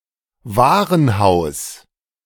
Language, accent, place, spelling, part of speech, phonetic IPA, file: German, Germany, Berlin, Warenhaus, noun, [ˈvaːʁənhaʊ̯s], De-Warenhaus.ogg
- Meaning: department store